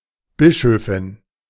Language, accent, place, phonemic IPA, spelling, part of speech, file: German, Germany, Berlin, /ˈbɪʃøːfɪn/, Bischöfin, noun, De-Bischöfin.ogg
- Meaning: bishop (female)